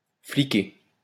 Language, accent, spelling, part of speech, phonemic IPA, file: French, France, fliquer, verb, /fli.ke/, LL-Q150 (fra)-fliquer.wav
- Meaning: to police